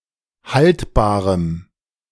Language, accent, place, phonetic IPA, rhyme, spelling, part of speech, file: German, Germany, Berlin, [ˈhaltbaːʁəm], -altbaːʁəm, haltbarem, adjective, De-haltbarem.ogg
- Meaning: strong dative masculine/neuter singular of haltbar